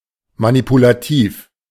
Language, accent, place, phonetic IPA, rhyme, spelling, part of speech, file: German, Germany, Berlin, [manipulaˈtiːf], -iːf, manipulativ, adjective, De-manipulativ.ogg
- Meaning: manipulative